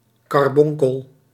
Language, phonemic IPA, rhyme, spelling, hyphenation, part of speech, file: Dutch, /ˌkɑrˈbɔŋ.kəl/, -ɔŋkəl, karbonkel, kar‧bon‧kel, noun, Nl-karbonkel.ogg
- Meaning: 1. ruby, garnet 2. carbuncle